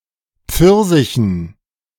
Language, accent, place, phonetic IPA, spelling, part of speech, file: German, Germany, Berlin, [ˈp͡fɪʁzɪçn̩], Pfirsichen, noun, De-Pfirsichen.ogg
- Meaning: dative plural of Pfirsich